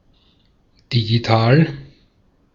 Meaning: digital
- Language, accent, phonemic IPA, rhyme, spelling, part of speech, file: German, Austria, /diɡiˈtaːl/, -aːl, digital, adjective, De-at-digital.ogg